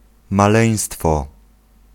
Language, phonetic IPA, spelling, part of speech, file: Polish, [maˈlɛ̃j̃stfɔ], maleństwo, noun, Pl-maleństwo.ogg